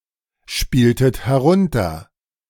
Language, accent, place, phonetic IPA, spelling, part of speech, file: German, Germany, Berlin, [ˌʃpiːltət hɛˈʁʊntɐ], spieltet herunter, verb, De-spieltet herunter.ogg
- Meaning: inflection of herunterspielen: 1. second-person plural preterite 2. second-person plural subjunctive II